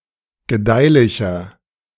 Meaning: 1. comparative degree of gedeihlich 2. inflection of gedeihlich: strong/mixed nominative masculine singular 3. inflection of gedeihlich: strong genitive/dative feminine singular
- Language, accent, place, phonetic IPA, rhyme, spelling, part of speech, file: German, Germany, Berlin, [ɡəˈdaɪ̯lɪçɐ], -aɪ̯lɪçɐ, gedeihlicher, adjective, De-gedeihlicher.ogg